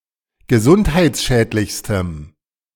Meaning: strong dative masculine/neuter singular superlative degree of gesundheitsschädlich
- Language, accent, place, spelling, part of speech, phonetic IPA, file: German, Germany, Berlin, gesundheitsschädlichstem, adjective, [ɡəˈzʊnthaɪ̯t͡sˌʃɛːtlɪçstəm], De-gesundheitsschädlichstem.ogg